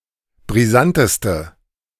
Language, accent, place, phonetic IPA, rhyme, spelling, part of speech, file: German, Germany, Berlin, [bʁiˈzantəstə], -antəstə, brisanteste, adjective, De-brisanteste.ogg
- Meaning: inflection of brisant: 1. strong/mixed nominative/accusative feminine singular superlative degree 2. strong nominative/accusative plural superlative degree